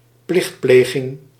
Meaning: 1. a ceremony, a display of ceremony 2. an often ritualised expression of respect
- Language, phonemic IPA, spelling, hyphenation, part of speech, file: Dutch, /ˈplɪxtˌpleː.ɣɪŋ/, plichtpleging, plicht‧ple‧ging, noun, Nl-plichtpleging.ogg